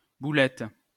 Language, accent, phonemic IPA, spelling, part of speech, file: French, France, /bu.lɛt/, boulette, noun, LL-Q150 (fra)-boulette.wav
- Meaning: 1. small ball 2. meatball